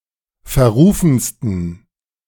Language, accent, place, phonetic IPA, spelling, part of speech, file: German, Germany, Berlin, [fɛɐ̯ˈʁuːfn̩stən], verrufensten, adjective, De-verrufensten.ogg
- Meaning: 1. superlative degree of verrufen 2. inflection of verrufen: strong genitive masculine/neuter singular superlative degree